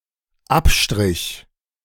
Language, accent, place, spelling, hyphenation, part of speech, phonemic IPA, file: German, Germany, Berlin, Abstrich, Ab‧strich, noun, /ˈapˌʃtʁɪç/, De-Abstrich.ogg
- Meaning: 1. A drawback one accepts willingly 2. swab sample 3. down bow 4. downstroke